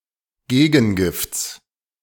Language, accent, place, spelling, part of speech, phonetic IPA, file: German, Germany, Berlin, Gegengifts, noun, [ˈɡeːɡn̩ˌɡɪft͡s], De-Gegengifts.ogg
- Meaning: genitive singular of Gegengift